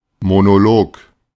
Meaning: monologue (a long speech by one person)
- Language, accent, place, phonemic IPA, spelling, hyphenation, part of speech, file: German, Germany, Berlin, /monoˈloːk/, Monolog, Mo‧no‧log, noun, De-Monolog.ogg